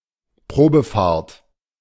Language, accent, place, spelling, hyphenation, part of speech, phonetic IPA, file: German, Germany, Berlin, Probefahrt, Pro‧be‧fahrt, noun, [ˈpʁoːbəˌfaːɐ̯t], De-Probefahrt.ogg
- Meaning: test drive